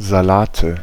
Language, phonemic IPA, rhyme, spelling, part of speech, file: German, /zaˈlaːtə/, -aːtə, Salate, noun, De-Salate.ogg
- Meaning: 1. nominative/accusative/genitive plural of Salat 2. dative singular of Salat